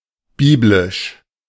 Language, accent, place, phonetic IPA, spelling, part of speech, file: German, Germany, Berlin, [ˈbiːblɪʃ], biblisch, adjective, De-biblisch.ogg
- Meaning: biblical (of, or relating to, the Bible)